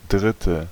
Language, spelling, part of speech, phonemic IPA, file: German, dritte, adjective, /ˈdrɪtə/, De-dritte.ogg
- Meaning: third